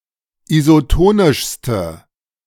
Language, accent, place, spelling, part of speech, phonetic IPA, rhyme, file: German, Germany, Berlin, isotonischste, adjective, [izoˈtoːnɪʃstə], -oːnɪʃstə, De-isotonischste.ogg
- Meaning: inflection of isotonisch: 1. strong/mixed nominative/accusative feminine singular superlative degree 2. strong nominative/accusative plural superlative degree